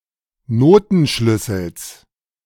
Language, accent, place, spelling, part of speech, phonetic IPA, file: German, Germany, Berlin, Notenschlüssels, noun, [ˈnoːtn̩ˌʃlʏsl̩s], De-Notenschlüssels.ogg
- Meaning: genitive singular of Notenschlüssel